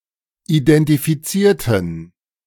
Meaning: inflection of identifizieren: 1. first/third-person plural preterite 2. first/third-person plural subjunctive II
- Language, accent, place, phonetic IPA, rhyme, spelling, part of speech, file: German, Germany, Berlin, [idɛntifiˈt͡siːɐ̯tn̩], -iːɐ̯tn̩, identifizierten, adjective / verb, De-identifizierten.ogg